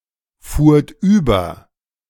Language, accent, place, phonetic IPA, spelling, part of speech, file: German, Germany, Berlin, [ˌfuːɐ̯t ˈyːbɐ], fuhrt über, verb, De-fuhrt über.ogg
- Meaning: second-person plural preterite of überfahren